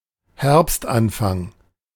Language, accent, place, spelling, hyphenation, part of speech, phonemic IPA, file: German, Germany, Berlin, Herbstanfang, Herbst‧an‧fang, noun, /ˈhɛʁpstʔanˌfaŋ/, De-Herbstanfang.ogg
- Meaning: beginning of fall, beginning of autumn, early fall, early autumn